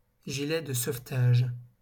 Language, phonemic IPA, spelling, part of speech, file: French, /ʒi.lɛ d(ə) sov.taʒ/, gilet de sauvetage, noun, LL-Q150 (fra)-gilet de sauvetage.wav
- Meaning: life jacket, life vest